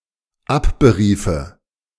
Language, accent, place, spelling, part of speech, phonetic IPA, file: German, Germany, Berlin, abberiefe, verb, [ˈapbəˌʁiːfə], De-abberiefe.ogg
- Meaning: first/third-person singular dependent subjunctive II of abberufen